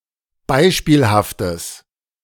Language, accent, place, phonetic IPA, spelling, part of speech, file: German, Germany, Berlin, [ˈbaɪ̯ʃpiːlhaftəs], beispielhaftes, adjective, De-beispielhaftes.ogg
- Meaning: strong/mixed nominative/accusative neuter singular of beispielhaft